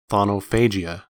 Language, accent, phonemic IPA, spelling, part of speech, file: English, US, /ˌθɑn.oʊˈfeɪ.d͡ʒi.ə/, chthonophagia, noun, En-us-chthonophagia.ogg
- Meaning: A disease characterized by the impulsive consumption of dirt, observed in some parts of the southern United States as well as the West Indies